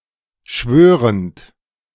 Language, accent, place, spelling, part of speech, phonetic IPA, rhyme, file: German, Germany, Berlin, schwörend, verb, [ˈʃvøːʁənt], -øːʁənt, De-schwörend.ogg
- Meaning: present participle of schwören